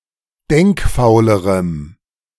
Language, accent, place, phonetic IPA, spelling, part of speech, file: German, Germany, Berlin, [ˈdɛŋkˌfaʊ̯ləʁəm], denkfaulerem, adjective, De-denkfaulerem.ogg
- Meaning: strong dative masculine/neuter singular comparative degree of denkfaul